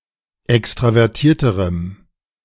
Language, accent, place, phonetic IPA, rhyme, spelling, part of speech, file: German, Germany, Berlin, [ˌɛkstʁavɛʁˈtiːɐ̯təʁəm], -iːɐ̯təʁəm, extravertierterem, adjective, De-extravertierterem.ogg
- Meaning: strong dative masculine/neuter singular comparative degree of extravertiert